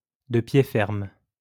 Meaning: resolutely, standing firm
- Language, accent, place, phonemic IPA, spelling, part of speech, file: French, France, Lyon, /də pje fɛʁm/, de pied ferme, adverb, LL-Q150 (fra)-de pied ferme.wav